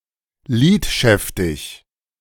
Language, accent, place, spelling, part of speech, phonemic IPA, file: German, Germany, Berlin, lidschäftig, adjective, /ˈliːtˌʃɛftɪç/, De-lidschäftig.ogg
- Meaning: wonky